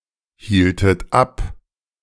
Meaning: inflection of abhalten: 1. second-person plural preterite 2. second-person plural subjunctive II
- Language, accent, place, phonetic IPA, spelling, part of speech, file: German, Germany, Berlin, [ˌhiːltət ˈap], hieltet ab, verb, De-hieltet ab.ogg